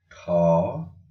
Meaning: The twenty-fourth character in the Odia abugida
- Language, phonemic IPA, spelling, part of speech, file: Odia, /ʈʰɔ/, ଠ, character, Or-ଠ.oga